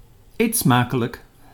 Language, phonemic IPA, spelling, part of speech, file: Dutch, /ˌeːt ˈsmaː.kə.lək/, eet smakelijk, interjection, Nl-eet smakelijk.ogg
- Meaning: enjoy your meal, bon appétit